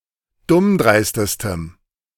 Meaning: strong dative masculine/neuter singular superlative degree of dummdreist
- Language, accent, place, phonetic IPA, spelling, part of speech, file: German, Germany, Berlin, [ˈdʊmˌdʁaɪ̯stəstəm], dummdreistestem, adjective, De-dummdreistestem.ogg